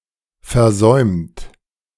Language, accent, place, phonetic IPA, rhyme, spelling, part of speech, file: German, Germany, Berlin, [fɛɐ̯ˈzɔɪ̯mt], -ɔɪ̯mt, versäumt, verb, De-versäumt.ogg
- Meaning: 1. past participle of versäumen 2. inflection of versäumen: second-person plural present 3. inflection of versäumen: third-person singular present 4. inflection of versäumen: plural imperative